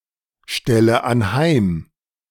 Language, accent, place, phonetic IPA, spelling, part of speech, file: German, Germany, Berlin, [ˌʃtɛlə anˈhaɪ̯m], stelle anheim, verb, De-stelle anheim.ogg
- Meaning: inflection of anheimstellen: 1. first-person singular present 2. first/third-person singular subjunctive I 3. singular imperative